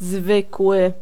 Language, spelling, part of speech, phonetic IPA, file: Polish, zwykły, adjective, [ˈzvɨkwɨ], Pl-zwykły.ogg